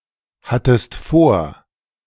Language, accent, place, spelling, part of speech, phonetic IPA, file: German, Germany, Berlin, hattest vor, verb, [ˌhatəst ˈfoːɐ̯], De-hattest vor.ogg
- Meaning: second-person singular preterite of vorhaben